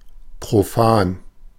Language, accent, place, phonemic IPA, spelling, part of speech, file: German, Germany, Berlin, /pʁoˈfaːn/, profan, adjective, De-profan.ogg
- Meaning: 1. simple, mundane, everyday (especially in contrast to something considered more dignified or arcane) 2. profane, secular (relating to earthly, non-religious matters)